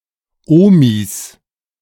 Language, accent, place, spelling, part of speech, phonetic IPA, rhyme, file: German, Germany, Berlin, Omis, noun, [ˈoːmis], -oːmis, De-Omis.ogg
- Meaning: 1. genitive singular of Omi 2. plural of Omi